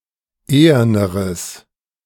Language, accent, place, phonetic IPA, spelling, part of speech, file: German, Germany, Berlin, [ˈeːɐnəʁəs], eherneres, adjective, De-eherneres.ogg
- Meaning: strong/mixed nominative/accusative neuter singular comparative degree of ehern